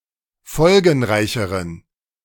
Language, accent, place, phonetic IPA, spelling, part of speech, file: German, Germany, Berlin, [ˈfɔlɡn̩ˌʁaɪ̯çəʁən], folgenreicheren, adjective, De-folgenreicheren.ogg
- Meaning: inflection of folgenreich: 1. strong genitive masculine/neuter singular comparative degree 2. weak/mixed genitive/dative all-gender singular comparative degree